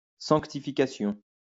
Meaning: sanctification
- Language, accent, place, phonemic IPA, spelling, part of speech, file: French, France, Lyon, /sɑ̃k.ti.fi.ka.sjɔ̃/, sanctification, noun, LL-Q150 (fra)-sanctification.wav